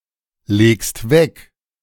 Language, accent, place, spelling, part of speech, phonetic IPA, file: German, Germany, Berlin, legst weg, verb, [ˌleːkst ˈvɛk], De-legst weg.ogg
- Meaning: second-person singular present of weglegen